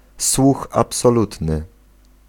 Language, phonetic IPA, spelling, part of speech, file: Polish, [ˈswux ˌapsɔˈlutnɨ], słuch absolutny, noun, Pl-słuch absolutny.ogg